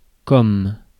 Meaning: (conjunction) 1. as (in the role of, by way of) 2. like, as 3. such as 4. how 5. because, as, since; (particle) like
- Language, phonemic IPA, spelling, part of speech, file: French, /kɔm/, comme, conjunction / particle, Fr-comme.ogg